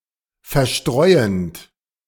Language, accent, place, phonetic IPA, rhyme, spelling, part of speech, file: German, Germany, Berlin, [fɛɐ̯ˈʃtʁɔɪ̯ənt], -ɔɪ̯ənt, verstreuend, verb, De-verstreuend.ogg
- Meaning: present participle of verstreuen